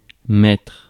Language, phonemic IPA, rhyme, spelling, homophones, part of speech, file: French, /mɛtʁ/, -ɛtʁ, mettre, mètre / mètrent / maître, verb, Fr-mettre.ogg
- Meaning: 1. to put; to place 2. to put on 3. to set 4. to start (something / doing something) 5. to get around to it 6. to penetrate